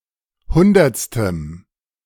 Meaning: strong dative masculine/neuter singular of hundertste
- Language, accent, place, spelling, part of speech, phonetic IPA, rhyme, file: German, Germany, Berlin, hundertstem, adjective, [ˈhʊndɐt͡stəm], -ʊndɐt͡stəm, De-hundertstem.ogg